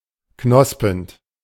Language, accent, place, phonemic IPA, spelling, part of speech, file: German, Germany, Berlin, /ˈknɔspənt/, knospend, verb / adjective, De-knospend.ogg
- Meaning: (verb) present participle of knospen; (adjective) budding (all senses)